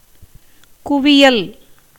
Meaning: pile, heap, dump
- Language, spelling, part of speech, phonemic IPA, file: Tamil, குவியல், noun, /kʊʋɪjɐl/, Ta-குவியல்.ogg